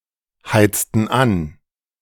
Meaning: inflection of anheizen: 1. first/third-person plural preterite 2. first/third-person plural subjunctive II
- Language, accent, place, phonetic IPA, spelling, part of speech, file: German, Germany, Berlin, [ˌhaɪ̯t͡stn̩ ˈan], heizten an, verb, De-heizten an.ogg